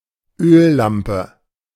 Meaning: oil lamp
- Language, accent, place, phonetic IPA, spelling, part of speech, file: German, Germany, Berlin, [ˈøːlˌlampə], Öllampe, noun, De-Öllampe.ogg